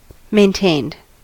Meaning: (adjective) showing maintenance or attention; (verb) simple past and past participle of maintain
- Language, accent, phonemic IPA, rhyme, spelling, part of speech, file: English, US, /meɪnˈteɪnd/, -eɪnd, maintained, adjective / verb, En-us-maintained.ogg